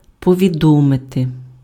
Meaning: to inform, to notify, to advise, to apprise (somebody of something / that: кого́сь (accusative) про щось (accusative) / що)
- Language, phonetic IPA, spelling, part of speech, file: Ukrainian, [pɔʋʲiˈdɔmete], повідомити, verb, Uk-повідомити.ogg